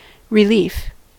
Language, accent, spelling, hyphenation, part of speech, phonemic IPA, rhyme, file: English, US, relief, re‧lief, noun / adjective, /rɪˈlif/, -iːf, En-us-relief.ogg
- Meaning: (noun) 1. The removal of stress or discomfort 2. The feeling associated with the removal of stress or discomfort 3. Release from a post or duty, as when replaced by another